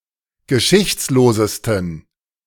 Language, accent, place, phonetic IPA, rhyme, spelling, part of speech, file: German, Germany, Berlin, [ɡəˈʃɪçt͡sloːzəstn̩], -ɪçt͡sloːzəstn̩, geschichtslosesten, adjective, De-geschichtslosesten.ogg
- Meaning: 1. superlative degree of geschichtslos 2. inflection of geschichtslos: strong genitive masculine/neuter singular superlative degree